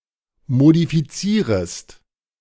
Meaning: second-person singular subjunctive I of modifizieren
- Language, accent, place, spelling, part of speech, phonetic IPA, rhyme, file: German, Germany, Berlin, modifizierest, verb, [modifiˈt͡siːʁəst], -iːʁəst, De-modifizierest.ogg